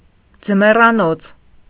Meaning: 1. house or place serving to winter in 2. alternative form of ձմեռոց (jmeṙocʻ)
- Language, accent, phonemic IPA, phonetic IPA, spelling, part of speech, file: Armenian, Eastern Armenian, /d͡zəmerɑˈnot͡sʰ/, [d͡zəmerɑnót͡sʰ], ձմեռանոց, noun, Hy-ձմեռանոց.ogg